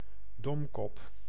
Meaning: a stupid (not clever) person, a dunce, a duffer
- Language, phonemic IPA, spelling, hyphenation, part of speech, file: Dutch, /ˈdɔm.kɔp/, domkop, dom‧kop, noun, Nl-domkop.ogg